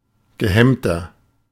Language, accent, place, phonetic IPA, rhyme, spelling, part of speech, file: German, Germany, Berlin, [ɡəˈhɛmtɐ], -ɛmtɐ, gehemmter, adjective, De-gehemmter.ogg
- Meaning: 1. comparative degree of gehemmt 2. inflection of gehemmt: strong/mixed nominative masculine singular 3. inflection of gehemmt: strong genitive/dative feminine singular